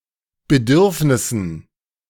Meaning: dative plural of Bedürfnis
- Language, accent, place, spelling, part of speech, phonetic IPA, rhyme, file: German, Germany, Berlin, Bedürfnissen, noun, [bəˈdʏʁfnɪsn̩], -ʏʁfnɪsn̩, De-Bedürfnissen.ogg